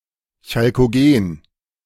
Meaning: chalcogen
- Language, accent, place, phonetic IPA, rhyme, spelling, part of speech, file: German, Germany, Berlin, [çalkoˈɡeːn], -eːn, Chalkogen, noun, De-Chalkogen.ogg